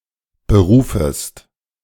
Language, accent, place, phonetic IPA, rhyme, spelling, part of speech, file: German, Germany, Berlin, [bəˈʁuːfəst], -uːfəst, berufest, verb, De-berufest.ogg
- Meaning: second-person singular subjunctive I of berufen